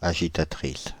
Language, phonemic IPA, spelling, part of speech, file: French, /a.ʒi.ta.tʁis/, agitatrice, noun, Fr-agitatrice.ogg
- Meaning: female equivalent of agitateur